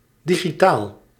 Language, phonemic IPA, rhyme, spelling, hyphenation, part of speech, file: Dutch, /ˌdi.ɣiˈtaːl/, -aːl, digitaal, di‧gi‧taal, adjective, Nl-digitaal.ogg
- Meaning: 1. digital (representing values as discrete, usually binary, numbers) 2. digital (pertaining to computers or circuit-board electronics) 3. digit (pertaining to digits, fingers)